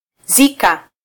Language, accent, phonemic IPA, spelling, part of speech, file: Swahili, Kenya, /ˈzi.kɑ/, zika, verb, Sw-ke-zika.flac
- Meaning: 1. to bury, inter 2. to attend a funeral